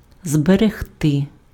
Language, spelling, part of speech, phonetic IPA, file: Ukrainian, зберегти, verb, [zbereɦˈtɪ], Uk-зберегти.ogg
- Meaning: 1. to keep, to preserve, to conserve, to maintain (protect against deterioration or depletion) 2. to save, to store, to retain, to reserve (not expend or waste)